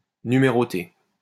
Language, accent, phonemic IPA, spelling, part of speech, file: French, France, /ny.me.ʁɔ.te/, numéroter, verb, LL-Q150 (fra)-numéroter.wav
- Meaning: to number (to assign numbers to)